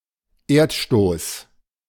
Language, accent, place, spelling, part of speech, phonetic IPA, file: German, Germany, Berlin, Erdstoß, noun, [ˈeːɐ̯tˌʃtoːs], De-Erdstoß.ogg
- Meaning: Earth tremor